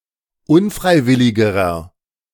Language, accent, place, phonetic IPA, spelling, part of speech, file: German, Germany, Berlin, [ˈʊnˌfʁaɪ̯ˌvɪlɪɡəʁɐ], unfreiwilligerer, adjective, De-unfreiwilligerer.ogg
- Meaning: inflection of unfreiwillig: 1. strong/mixed nominative masculine singular comparative degree 2. strong genitive/dative feminine singular comparative degree 3. strong genitive plural comparative degree